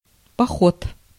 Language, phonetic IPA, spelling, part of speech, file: Russian, [pɐˈxot], поход, noun, Ru-поход.ogg
- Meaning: 1. campaign, march 2. cruise 3. trip, walking tour, hike 4. tour